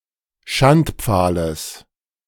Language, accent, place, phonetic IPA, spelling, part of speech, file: German, Germany, Berlin, [ˈʃantˌp͡faːləs], Schandpfahles, noun, De-Schandpfahles.ogg
- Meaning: genitive singular of Schandpfahl